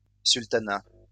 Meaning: sultanate (state ruled by a sultan)
- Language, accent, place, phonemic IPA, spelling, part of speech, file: French, France, Lyon, /syl.ta.na/, sultanat, noun, LL-Q150 (fra)-sultanat.wav